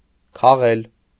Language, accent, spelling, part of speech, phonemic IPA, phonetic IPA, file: Armenian, Eastern Armenian, քաղել, verb, /kʰɑˈʁel/, [kʰɑʁél], Hy-քաղել.ogg
- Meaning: 1. to pick; to pluck 2. to gather 3. to mow; to reap (also figuratively)